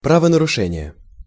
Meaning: violation of the law, offence
- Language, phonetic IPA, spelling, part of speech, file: Russian, [ˌpravənərʊˈʂɛnʲɪje], правонарушение, noun, Ru-правонарушение.ogg